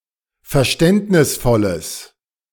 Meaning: strong/mixed nominative/accusative neuter singular of verständnisvoll
- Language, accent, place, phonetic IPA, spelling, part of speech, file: German, Germany, Berlin, [fɛɐ̯ˈʃtɛntnɪsfɔləs], verständnisvolles, adjective, De-verständnisvolles.ogg